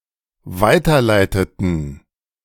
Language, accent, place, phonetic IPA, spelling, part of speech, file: German, Germany, Berlin, [ˈvaɪ̯tɐˌlaɪ̯tətn̩], weiterleiteten, verb, De-weiterleiteten.ogg
- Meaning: inflection of weiterleiten: 1. first/third-person plural dependent preterite 2. first/third-person plural dependent subjunctive II